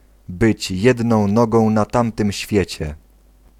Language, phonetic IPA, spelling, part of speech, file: Polish, [ˈbɨt͡ɕ ˈjɛdnɔ̃w̃ ˈnɔɡɔ̃w̃ na‿ˈtãmtɨ̃mʲ ˈɕfʲjɛ̇t͡ɕɛ], być jedną nogą na tamtym świecie, phrase, Pl-być jedną nogą na tamtym świecie.ogg